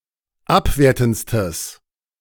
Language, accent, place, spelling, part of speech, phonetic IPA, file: German, Germany, Berlin, abwertendstes, adjective, [ˈapˌveːɐ̯tn̩t͡stəs], De-abwertendstes.ogg
- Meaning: strong/mixed nominative/accusative neuter singular superlative degree of abwertend